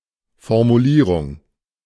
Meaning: 1. wording, phrasing 2. formulation
- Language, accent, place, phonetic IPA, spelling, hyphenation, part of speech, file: German, Germany, Berlin, [fɔʁmuˈliːʁʊŋ], Formulierung, For‧mu‧lie‧rung, noun, De-Formulierung.ogg